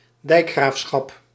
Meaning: 1. the office of a dijkgraaf, the status of being a dijkgraaf 2. water board, region presided over by a dijkgraaf
- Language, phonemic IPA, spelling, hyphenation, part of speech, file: Dutch, /ˈdɛi̯k.xraːfˌsxɑp/, dijkgraafschap, dijk‧graaf‧schap, noun, Nl-dijkgraafschap.ogg